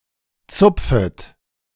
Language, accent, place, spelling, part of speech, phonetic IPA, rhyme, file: German, Germany, Berlin, zupfet, verb, [ˈt͡sʊp͡fət], -ʊp͡fət, De-zupfet.ogg
- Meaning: second-person plural subjunctive I of zupfen